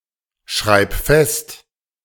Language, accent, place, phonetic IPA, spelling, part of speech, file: German, Germany, Berlin, [ˌʃʁaɪ̯p ˈfɛst], schreib fest, verb, De-schreib fest.ogg
- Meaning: singular imperative of festschreiben